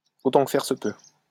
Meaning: insofar as possible, if possible, if at all possible
- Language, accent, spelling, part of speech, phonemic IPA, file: French, France, autant que faire se peut, adverb, /o.tɑ̃ k(ə) fɛʁ sə pø/, LL-Q150 (fra)-autant que faire se peut.wav